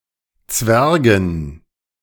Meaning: dative plural of Zwerg
- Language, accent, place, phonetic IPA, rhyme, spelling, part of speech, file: German, Germany, Berlin, [ˈt͡svɛʁɡn̩], -ɛʁɡn̩, Zwergen, noun, De-Zwergen.ogg